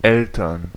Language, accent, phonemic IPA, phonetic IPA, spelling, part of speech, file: German, Germany, /ˈɛltərn/, [ˈʔɛl.tɐn], Eltern, noun, De-Eltern.ogg
- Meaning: parents